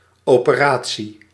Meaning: 1. operation 2. operation, procedure, surgery
- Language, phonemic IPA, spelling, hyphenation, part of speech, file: Dutch, /ˌoː.pəˈraː.(t)si/, operatie, ope‧ra‧tie, noun, Nl-operatie.ogg